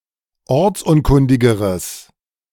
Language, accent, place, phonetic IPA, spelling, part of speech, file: German, Germany, Berlin, [ˈɔʁt͡sˌʔʊnkʊndɪɡəʁəs], ortsunkundigeres, adjective, De-ortsunkundigeres.ogg
- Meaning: strong/mixed nominative/accusative neuter singular comparative degree of ortsunkundig